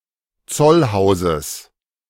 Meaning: genitive singular of Zollhaus
- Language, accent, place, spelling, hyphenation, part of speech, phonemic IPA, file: German, Germany, Berlin, Zollhauses, Zoll‧hau‧ses, noun, /ˈt͡sɔlˌhaʊ̯zəs/, De-Zollhauses.ogg